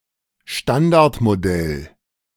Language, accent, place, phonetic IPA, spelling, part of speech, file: German, Germany, Berlin, [ˈʃtandaʁtmoˌdɛl], Standardmodell, noun, De-Standardmodell.ogg
- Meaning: Standard Model